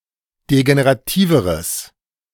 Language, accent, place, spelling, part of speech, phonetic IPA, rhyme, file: German, Germany, Berlin, degenerativeres, adjective, [deɡeneʁaˈtiːvəʁəs], -iːvəʁəs, De-degenerativeres.ogg
- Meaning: strong/mixed nominative/accusative neuter singular comparative degree of degenerativ